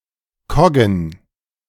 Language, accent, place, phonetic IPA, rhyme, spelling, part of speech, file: German, Germany, Berlin, [ˈkɔɡn̩], -ɔɡn̩, Koggen, noun, De-Koggen.ogg
- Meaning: plural of Kogge